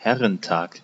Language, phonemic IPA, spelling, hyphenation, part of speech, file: German, /ˈhɛʁənˌtaːk/, Herrentag, Her‧ren‧tag, noun, De-Herrentag.ogg
- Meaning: 1. Father's Day 2. Lord's Day